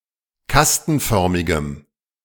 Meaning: strong dative masculine/neuter singular of kastenförmig
- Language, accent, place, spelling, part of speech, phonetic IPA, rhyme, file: German, Germany, Berlin, kastenförmigem, adjective, [ˈkastn̩ˌfœʁmɪɡəm], -astn̩fœʁmɪɡəm, De-kastenförmigem.ogg